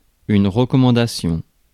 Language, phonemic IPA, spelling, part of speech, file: French, /ʁə.kɔ.mɑ̃.da.sjɔ̃/, recommandation, noun, Fr-recommandation.ogg
- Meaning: recommendation